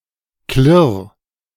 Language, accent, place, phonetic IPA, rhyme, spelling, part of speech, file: German, Germany, Berlin, [klɪʁ], -ɪʁ, klirr, verb, De-klirr.ogg
- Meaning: 1. singular imperative of klirren 2. first-person singular present of klirren